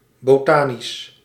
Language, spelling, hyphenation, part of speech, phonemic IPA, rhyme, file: Dutch, botanisch, bo‧ta‧nisch, adjective, /ˌboːˈtaː.nis/, -aːnis, Nl-botanisch.ogg
- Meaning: botanical, botanic